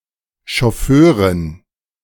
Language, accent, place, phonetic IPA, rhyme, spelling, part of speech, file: German, Germany, Berlin, [ʃɔˈføːʁɪn], -øːʁɪn, Schofförin, noun, De-Schofförin.ogg
- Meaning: alternative spelling of Chauffeurin